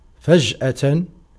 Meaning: suddenly, unexpectedly, inadvertently, unawares
- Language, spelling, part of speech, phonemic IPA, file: Arabic, فجأة, adverb, /fad͡ʒ.ʔa.tan/, Ar-فجأة.ogg